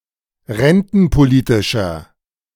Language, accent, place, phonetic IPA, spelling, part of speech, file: German, Germany, Berlin, [ˈʁɛntn̩poˌliːtɪʃɐ], rentenpolitischer, adjective, De-rentenpolitischer.ogg
- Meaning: inflection of rentenpolitisch: 1. strong/mixed nominative masculine singular 2. strong genitive/dative feminine singular 3. strong genitive plural